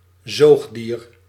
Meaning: 1. mammal, any member of the class Mammalia 2. viviparous mammal
- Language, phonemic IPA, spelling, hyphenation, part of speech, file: Dutch, /ˈzoːx.diːr/, zoogdier, zoog‧dier, noun, Nl-zoogdier.ogg